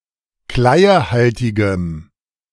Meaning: strong dative masculine/neuter singular of kleiehaltig
- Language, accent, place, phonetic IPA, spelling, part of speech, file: German, Germany, Berlin, [ˈklaɪ̯əˌhaltɪɡəm], kleiehaltigem, adjective, De-kleiehaltigem.ogg